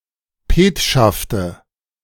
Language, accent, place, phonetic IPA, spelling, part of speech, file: German, Germany, Berlin, [ˈpeːtʃaftə], Petschafte, noun, De-Petschafte.ogg
- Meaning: nominative/accusative/genitive plural of Petschaft